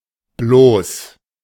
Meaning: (adjective) 1. mere, sole 2. bare, uncovered, nude; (adverb) 1. merely, only 2. Used to add emphasis or to respond to a request
- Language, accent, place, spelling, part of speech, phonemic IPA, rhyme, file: German, Germany, Berlin, bloß, adjective / adverb, /bloːs/, -oːs, De-bloß.ogg